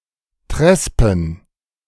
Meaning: plural of Trespe
- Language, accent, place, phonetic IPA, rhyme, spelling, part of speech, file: German, Germany, Berlin, [ˈtʁɛspn̩], -ɛspn̩, Trespen, noun, De-Trespen.ogg